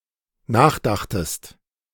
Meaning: second-person singular dependent preterite of nachdenken
- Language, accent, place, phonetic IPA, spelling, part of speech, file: German, Germany, Berlin, [ˈnaːxˌdaxtəst], nachdachtest, verb, De-nachdachtest.ogg